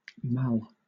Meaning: 1. illness, affliction 2. A longboard (type of surfboard) 3. A malleolus
- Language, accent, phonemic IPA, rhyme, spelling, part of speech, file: English, Southern England, /mæl/, -æl, mal, noun, LL-Q1860 (eng)-mal.wav